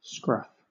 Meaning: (noun) 1. Someone with an untidy appearance 2. Stubble, facial hair (on males) 3. Crust 4. Scurf 5. The loose skin at the back of the neck of some animals
- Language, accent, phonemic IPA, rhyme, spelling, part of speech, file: English, Southern England, /skɹʌf/, -ʌf, scruff, noun / verb, LL-Q1860 (eng)-scruff.wav